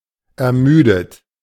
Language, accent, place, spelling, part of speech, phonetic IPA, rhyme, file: German, Germany, Berlin, ermüdet, verb, [ɛɐ̯ˈmyːdət], -yːdət, De-ermüdet.ogg
- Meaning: past participle of ermüden